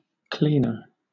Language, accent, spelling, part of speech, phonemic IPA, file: English, Southern England, cleaner, noun / adjective, /ˈkliː.nə/, LL-Q1860 (eng)-cleaner.wav
- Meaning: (noun) 1. A person whose occupation is to clean things, especially rooms, floors, and windows 2. A device that cleans, such as the vacuum cleaner